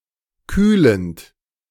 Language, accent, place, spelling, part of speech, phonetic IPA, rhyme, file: German, Germany, Berlin, kühlend, verb, [ˈkyːlənt], -yːlənt, De-kühlend.ogg
- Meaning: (verb) present participle of kühlen; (adjective) cooling, refrigerating